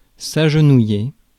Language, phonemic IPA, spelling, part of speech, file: French, /aʒ.nu.je/, agenouiller, verb, Fr-agenouiller.ogg
- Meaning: to kneel, to kneel down